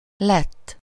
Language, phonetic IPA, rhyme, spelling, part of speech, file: Hungarian, [ˈlɛtː], -ɛtː, lett, verb / adjective / noun, Hu-lett.ogg
- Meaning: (verb) third-person singular indicative past of lesz (“s/he has become, s/he became”)